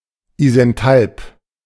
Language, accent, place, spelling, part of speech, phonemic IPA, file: German, Germany, Berlin, isenthalp, adjective, /ˌiːzɛnˈtalp/, De-isenthalp.ogg
- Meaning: isenthalpic